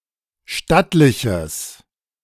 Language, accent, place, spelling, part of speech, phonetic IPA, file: German, Germany, Berlin, stattliches, adjective, [ˈʃtatlɪçəs], De-stattliches.ogg
- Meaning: strong/mixed nominative/accusative neuter singular of stattlich